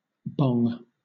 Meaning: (noun) 1. The clang of a large bell 2. Doorbell chimes 3. Clipping of Britbong; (verb) 1. To pull a bell 2. To ring a doorbell 3. Make a bell-like sound
- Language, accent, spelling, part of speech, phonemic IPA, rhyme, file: English, Southern England, bong, noun / verb, /bɒŋ/, -ɒŋ, LL-Q1860 (eng)-bong.wav